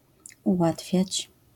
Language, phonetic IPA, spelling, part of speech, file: Polish, [uˈwatfʲjät͡ɕ], ułatwiać, verb, LL-Q809 (pol)-ułatwiać.wav